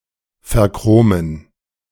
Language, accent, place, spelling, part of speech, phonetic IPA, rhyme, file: German, Germany, Berlin, verchromen, verb, [fɛɐ̯ˈkʁoːmən], -oːmən, De-verchromen.ogg
- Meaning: to chromium-plate